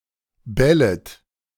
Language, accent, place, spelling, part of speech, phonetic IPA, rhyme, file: German, Germany, Berlin, bellet, verb, [ˈbɛlət], -ɛlət, De-bellet.ogg
- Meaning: second-person plural subjunctive I of bellen